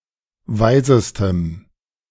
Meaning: strong dative masculine/neuter singular superlative degree of weise
- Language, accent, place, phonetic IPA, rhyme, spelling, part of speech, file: German, Germany, Berlin, [ˈvaɪ̯zəstəm], -aɪ̯zəstəm, weisestem, adjective, De-weisestem.ogg